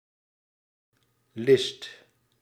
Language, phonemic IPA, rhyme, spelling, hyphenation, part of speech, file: Dutch, /lɪst/, -ɪst, list, list, noun, Nl-list.ogg
- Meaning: a cunning plan, a ruse, a trick